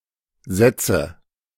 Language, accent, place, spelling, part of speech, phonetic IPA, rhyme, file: German, Germany, Berlin, setze, verb, [ˈzɛt͡sə], -ɛt͡sə, De-setze.ogg
- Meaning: inflection of setzen: 1. first-person singular present 2. first/third-person singular subjunctive I 3. singular imperative